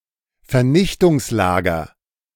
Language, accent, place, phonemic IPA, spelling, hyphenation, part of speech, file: German, Germany, Berlin, /ferˈnɪçtʊŋsˌlaːɡər/, Vernichtungslager, Ver‧nich‧tungs‧la‧ger, noun, De-Vernichtungslager.ogg
- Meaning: death camp, extermination camp